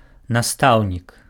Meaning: teacher
- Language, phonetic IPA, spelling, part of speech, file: Belarusian, [naˈstau̯nʲik], настаўнік, noun, Be-настаўнік.ogg